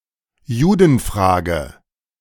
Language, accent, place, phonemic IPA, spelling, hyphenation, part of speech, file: German, Germany, Berlin, /ˈjuːdənˌfʁaːɡə/, Judenfrage, Ju‧den‧fra‧ge, noun, De-Judenfrage.ogg
- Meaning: 1. Jewish Question (debate over the appropriate status and treatment of Jews in Europe) 2. Jewish matters, things to do with Jews or Judaism